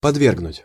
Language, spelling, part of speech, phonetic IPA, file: Russian, подвергнуть, verb, [pɐdˈvʲerɡnʊtʲ], Ru-подвергнуть.ogg
- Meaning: to subject (to), to expose (to)